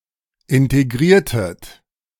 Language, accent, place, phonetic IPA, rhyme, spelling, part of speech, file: German, Germany, Berlin, [ˌɪnteˈɡʁiːɐ̯tət], -iːɐ̯tət, integriertet, verb, De-integriertet.ogg
- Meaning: inflection of integrieren: 1. second-person plural preterite 2. second-person plural subjunctive II